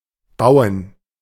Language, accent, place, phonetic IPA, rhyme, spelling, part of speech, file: German, Germany, Berlin, [ˈbaʊ̯ən], -aʊ̯ən, Bauen, noun, De-Bauen.ogg
- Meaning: 1. gerund of bauen (“building”) 2. dative plural of Bau